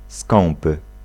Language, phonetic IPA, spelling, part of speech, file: Polish, [ˈskɔ̃mpɨ], skąpy, adjective, Pl-skąpy.ogg